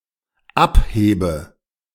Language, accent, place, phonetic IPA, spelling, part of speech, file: German, Germany, Berlin, [ˈapˌheːbə], abhebe, verb, De-abhebe.ogg
- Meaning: inflection of abheben: 1. first-person singular dependent present 2. first/third-person singular dependent subjunctive I